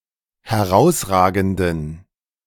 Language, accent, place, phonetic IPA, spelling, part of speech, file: German, Germany, Berlin, [hɛˈʁaʊ̯sˌʁaːɡn̩dən], herausragenden, adjective, De-herausragenden.ogg
- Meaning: inflection of herausragend: 1. strong genitive masculine/neuter singular 2. weak/mixed genitive/dative all-gender singular 3. strong/weak/mixed accusative masculine singular 4. strong dative plural